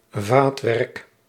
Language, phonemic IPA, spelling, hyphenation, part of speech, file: Dutch, /ˈvaːt.ʋɛrk/, vaatwerk, vaat‧werk, noun, Nl-vaatwerk.ogg
- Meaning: 1. crockery, dishware 2. tableware